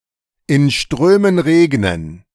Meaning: rain cats and dogs (to rain very heavily)
- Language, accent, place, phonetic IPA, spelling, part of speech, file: German, Germany, Berlin, [ɪn ˈʃtʁøːmən ˈʁeːɡnən], in Strömen regnen, phrase, De-in Strömen regnen.ogg